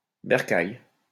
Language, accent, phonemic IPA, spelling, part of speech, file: French, France, /bɛʁ.kaj/, bercail, noun, LL-Q150 (fra)-bercail.wav
- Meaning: 1. fold (enclosure for animals) 2. house, home